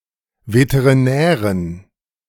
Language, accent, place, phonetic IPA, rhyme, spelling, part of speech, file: German, Germany, Berlin, [vetəʁiˈnɛːʁən], -ɛːʁən, Veterinären, noun, De-Veterinären.ogg
- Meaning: dative plural of Veterinär